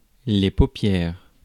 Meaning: plural of paupière
- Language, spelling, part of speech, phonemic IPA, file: French, paupières, noun, /po.pjɛʁ/, Fr-paupières.ogg